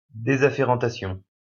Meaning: deafferentation
- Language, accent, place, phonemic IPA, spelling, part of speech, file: French, France, Lyon, /de.za.fe.ʁɑ̃.ta.sjɔ̃/, désafférentation, noun, LL-Q150 (fra)-désafférentation.wav